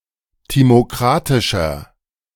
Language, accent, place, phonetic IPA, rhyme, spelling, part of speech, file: German, Germany, Berlin, [ˌtimoˈkʁatɪʃɐ], -atɪʃɐ, timokratischer, adjective, De-timokratischer.ogg
- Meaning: 1. comparative degree of timokratisch 2. inflection of timokratisch: strong/mixed nominative masculine singular 3. inflection of timokratisch: strong genitive/dative feminine singular